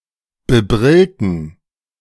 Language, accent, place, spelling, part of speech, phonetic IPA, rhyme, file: German, Germany, Berlin, bebrillten, adjective, [bəˈbʁɪltn̩], -ɪltn̩, De-bebrillten.ogg
- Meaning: inflection of bebrillt: 1. strong genitive masculine/neuter singular 2. weak/mixed genitive/dative all-gender singular 3. strong/weak/mixed accusative masculine singular 4. strong dative plural